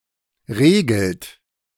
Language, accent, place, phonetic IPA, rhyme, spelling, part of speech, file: German, Germany, Berlin, [ˈʁeːɡl̩t], -eːɡl̩t, regelt, verb, De-regelt.ogg
- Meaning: inflection of regeln: 1. third-person singular present 2. second-person plural present 3. plural imperative